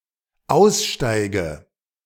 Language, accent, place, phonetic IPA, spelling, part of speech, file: German, Germany, Berlin, [ˈaʊ̯sˌʃtaɪ̯ɡə], aussteige, verb, De-aussteige.ogg
- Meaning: inflection of aussteigen: 1. first-person singular dependent present 2. first/third-person singular dependent subjunctive I